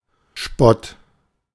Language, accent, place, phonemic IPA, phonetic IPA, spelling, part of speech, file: German, Germany, Berlin, /ʃpɔt/, [ʃpɔtʰ], Spott, noun, De-Spott.ogg
- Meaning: mockery, ridicule, derision, scorn